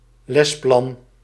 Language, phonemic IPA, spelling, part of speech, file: Dutch, /ˈlɛsplɑn/, lesplan, noun, Nl-lesplan.ogg
- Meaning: lesson plan